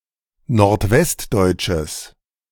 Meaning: strong/mixed nominative/accusative neuter singular of nordwestdeutsch
- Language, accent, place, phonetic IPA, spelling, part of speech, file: German, Germany, Berlin, [noʁtˈvɛstˌdɔɪ̯t͡ʃəs], nordwestdeutsches, adjective, De-nordwestdeutsches.ogg